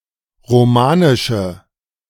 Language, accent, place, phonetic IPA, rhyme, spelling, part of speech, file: German, Germany, Berlin, [ʁoˈmaːnɪʃə], -aːnɪʃə, romanische, adjective, De-romanische.ogg
- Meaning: inflection of romanisch: 1. strong/mixed nominative/accusative feminine singular 2. strong nominative/accusative plural 3. weak nominative all-gender singular